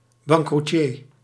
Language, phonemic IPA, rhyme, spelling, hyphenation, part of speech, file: Dutch, /bɑŋkruˈtiːr/, -iːr, bankroetier, bank‧roe‧tier, noun, Nl-bankroetier.ogg
- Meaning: someone who has gone bankrupt